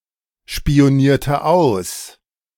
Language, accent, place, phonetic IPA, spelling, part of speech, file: German, Germany, Berlin, [ʃpi̯oˌniːɐ̯tə ˈaʊ̯s], spionierte aus, verb, De-spionierte aus.ogg
- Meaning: inflection of ausspionieren: 1. first/third-person singular preterite 2. first/third-person singular subjunctive II